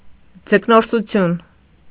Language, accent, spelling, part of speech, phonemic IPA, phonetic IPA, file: Armenian, Eastern Armenian, ձկնորսություն, noun, /d͡zəknoɾsuˈtʰjun/, [d͡zəknoɾsut͡sʰjún], Hy-ձկնորսություն.ogg
- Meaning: fishing, fishery